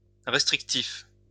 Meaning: 1. restrictive 2. restricted
- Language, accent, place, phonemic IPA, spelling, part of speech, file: French, France, Lyon, /ʁɛs.tʁik.tif/, restrictif, adjective, LL-Q150 (fra)-restrictif.wav